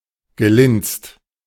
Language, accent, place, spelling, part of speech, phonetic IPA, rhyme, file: German, Germany, Berlin, gelinst, verb, [ɡəˈlɪnst], -ɪnst, De-gelinst.ogg
- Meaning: past participle of linsen